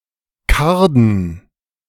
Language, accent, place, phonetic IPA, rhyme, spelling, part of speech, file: German, Germany, Berlin, [ˈkaʁdn̩], -aʁdn̩, Karden, proper noun / noun, De-Karden.ogg
- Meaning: plural of Karde